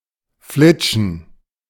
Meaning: 1. to tighten something and let it shoot off 2. to skim; to throw or shoot closely over a surface 3. to be shot or thrown in one of these ways
- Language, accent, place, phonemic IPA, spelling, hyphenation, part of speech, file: German, Germany, Berlin, /ˈflɪtʃən/, flitschen, flit‧schen, verb, De-flitschen.ogg